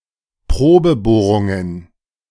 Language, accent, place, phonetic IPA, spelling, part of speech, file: German, Germany, Berlin, [ˈpʁoːbəˌboːʁʊŋən], Probebohrungen, noun, De-Probebohrungen.ogg
- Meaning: plural of Probebohrung